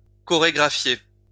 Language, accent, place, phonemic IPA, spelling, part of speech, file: French, France, Lyon, /kɔ.ʁe.ɡʁa.fje/, chorégraphier, verb, LL-Q150 (fra)-chorégraphier.wav
- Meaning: to choreograph